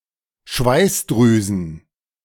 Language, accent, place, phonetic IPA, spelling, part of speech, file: German, Germany, Berlin, [ˈʃvaɪ̯sˌdʁyːzn̩], Schweißdrüsen, noun, De-Schweißdrüsen.ogg
- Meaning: plural of Schweißdrüse